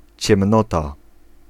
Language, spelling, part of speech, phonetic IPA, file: Polish, ciemnota, noun, [t͡ɕɛ̃mˈnɔta], Pl-ciemnota.ogg